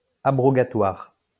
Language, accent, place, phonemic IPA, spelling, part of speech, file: French, France, Lyon, /a.bʁɔ.ɡa.twaʁ/, abrogatoire, adjective, LL-Q150 (fra)-abrogatoire.wav
- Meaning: alternative form of abrogatif